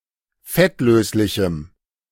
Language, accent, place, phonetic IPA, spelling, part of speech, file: German, Germany, Berlin, [ˈfɛtˌløːslɪçm̩], fettlöslichem, adjective, De-fettlöslichem.ogg
- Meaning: strong dative masculine/neuter singular of fettlöslich